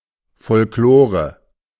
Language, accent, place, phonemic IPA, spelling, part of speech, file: German, Germany, Berlin, /ˌfɔlkˈloːʁə/, Folklore, noun, De-Folklore.ogg
- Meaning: 1. popular tales, music, festivals, clothing, etc.; old traditions and customs; folklore 2. the artificial perpetuation of customs, their mere imitation or re-enactment